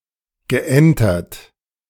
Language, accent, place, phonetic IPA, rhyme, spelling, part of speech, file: German, Germany, Berlin, [ɡəˈʔɛntɐt], -ɛntɐt, geentert, verb, De-geentert.ogg
- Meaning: past participle of entern